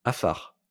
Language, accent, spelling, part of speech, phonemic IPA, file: French, France, afar, noun / adjective, /a.faʁ/, LL-Q150 (fra)-afar.wav
- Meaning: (noun) Afar (language); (adjective) Afar